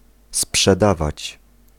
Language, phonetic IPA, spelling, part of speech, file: Polish, [spʃɛˈdavat͡ɕ], sprzedawać, verb, Pl-sprzedawać.ogg